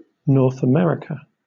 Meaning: The continent forming the northern part of the Americas; that part east of the Pacific Ocean, west of the Atlantic Ocean, north of South America and south of the Arctic Ocean
- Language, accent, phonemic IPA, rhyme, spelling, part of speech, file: English, Southern England, /ˌnɔː(ɹ)θ əˈmɛɹɪkə/, -ɛɹɪkə, North America, proper noun, LL-Q1860 (eng)-North America.wav